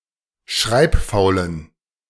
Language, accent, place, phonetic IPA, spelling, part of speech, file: German, Germany, Berlin, [ˈʃʁaɪ̯pˌfaʊ̯lən], schreibfaulen, adjective, De-schreibfaulen.ogg
- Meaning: inflection of schreibfaul: 1. strong genitive masculine/neuter singular 2. weak/mixed genitive/dative all-gender singular 3. strong/weak/mixed accusative masculine singular 4. strong dative plural